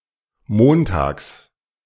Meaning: 1. on Mondays, every Monday 2. on (the next or last) Monday
- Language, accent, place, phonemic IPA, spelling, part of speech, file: German, Germany, Berlin, /ˈmoːnˌtaːks/, montags, adverb, De-montags.ogg